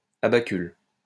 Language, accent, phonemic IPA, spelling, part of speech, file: French, France, /a.ba.kyl/, abacule, noun, LL-Q150 (fra)-abacule.wav
- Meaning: a mosaic tessera; tessella; abaculus